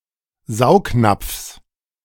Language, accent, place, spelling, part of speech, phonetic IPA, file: German, Germany, Berlin, Saugnapfs, noun, [ˈzaʊ̯kˌnap͡fs], De-Saugnapfs.ogg
- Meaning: genitive singular of Saugnapf